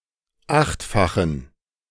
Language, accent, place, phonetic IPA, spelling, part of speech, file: German, Germany, Berlin, [ˈaxtfaxn̩], achtfachen, adjective, De-achtfachen.ogg
- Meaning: inflection of achtfach: 1. strong genitive masculine/neuter singular 2. weak/mixed genitive/dative all-gender singular 3. strong/weak/mixed accusative masculine singular 4. strong dative plural